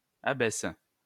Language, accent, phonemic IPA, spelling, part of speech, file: French, France, /a.bɛs/, abaisses, verb, LL-Q150 (fra)-abaisses.wav
- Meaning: second-person singular present indicative/subjunctive of abaisser